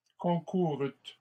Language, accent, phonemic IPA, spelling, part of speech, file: French, Canada, /kɔ̃.ku.ʁyt/, concourûtes, verb, LL-Q150 (fra)-concourûtes.wav
- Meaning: second-person plural past historic of concourir